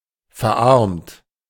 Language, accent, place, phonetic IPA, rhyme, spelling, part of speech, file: German, Germany, Berlin, [fɛɐ̯ˈʔaʁmt], -aʁmt, verarmt, adjective / verb, De-verarmt.ogg
- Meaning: 1. past participle of verarmen 2. inflection of verarmen: third-person singular present 3. inflection of verarmen: second-person plural present 4. inflection of verarmen: plural imperative